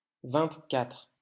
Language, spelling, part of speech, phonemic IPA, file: French, vingt-quatre, numeral, /vɛ̃t.katʁ/, LL-Q150 (fra)-vingt-quatre.wav
- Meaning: twenty-four